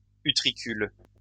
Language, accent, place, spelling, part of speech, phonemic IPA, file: French, France, Lyon, utricule, noun, /y.tʁi.kyl/, LL-Q150 (fra)-utricule.wav
- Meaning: utricle